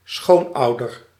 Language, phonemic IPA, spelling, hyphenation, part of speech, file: Dutch, /ˈsxoːnˌɑu̯.dər/, schoonouder, schoon‧ou‧der, noun, Nl-schoonouder.ogg
- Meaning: 1. a parent-in-law 2. a parent of one's boyfriend or girlfriend